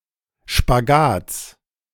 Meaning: genitive of Spagat
- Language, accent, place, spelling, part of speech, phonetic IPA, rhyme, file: German, Germany, Berlin, Spagats, noun, [ʃpaˈɡaːt͡s], -aːt͡s, De-Spagats.ogg